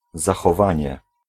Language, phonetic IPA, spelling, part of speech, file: Polish, [ˌzaxɔˈvãɲɛ], zachowanie, noun, Pl-zachowanie.ogg